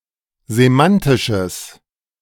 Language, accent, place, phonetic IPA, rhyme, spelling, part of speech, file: German, Germany, Berlin, [zeˈmantɪʃəs], -antɪʃəs, semantisches, adjective, De-semantisches.ogg
- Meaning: strong/mixed nominative/accusative neuter singular of semantisch